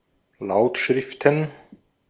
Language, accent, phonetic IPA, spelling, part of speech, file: German, Austria, [ˈlaʊ̯tˌʃʁɪftən], Lautschriften, noun, De-at-Lautschriften.ogg
- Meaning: plural of Lautschrift